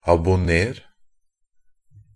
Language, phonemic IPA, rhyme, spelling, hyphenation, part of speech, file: Norwegian Bokmål, /abʊˈneːr/, -eːr, abonner, ab‧on‧ner, verb, NB - Pronunciation of Norwegian Bokmål «abonner».ogg
- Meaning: imperative of abonnere